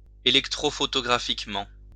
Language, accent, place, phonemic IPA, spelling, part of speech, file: French, France, Lyon, /e.lɛk.tʁo.fɔ.tɔ.ɡʁa.fik.mɑ̃/, électrophotographiquement, adverb, LL-Q150 (fra)-électrophotographiquement.wav
- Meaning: electrophotographically